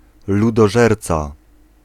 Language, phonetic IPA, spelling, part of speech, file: Polish, [ˌludɔˈʒɛrt͡sa], ludożerca, noun, Pl-ludożerca.ogg